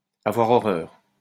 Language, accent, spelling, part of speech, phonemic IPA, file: French, France, avoir horreur, verb, /a.vwaʁ ɔ.ʁœʁ/, LL-Q150 (fra)-avoir horreur.wav
- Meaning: to hate, to loathe, to have a horror of